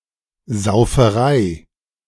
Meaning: heavy drinking
- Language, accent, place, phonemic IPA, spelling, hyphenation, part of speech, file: German, Germany, Berlin, /zaʊ̯fəˈʁaɪ̯/, Sauferei, Sau‧fe‧rei, noun, De-Sauferei.ogg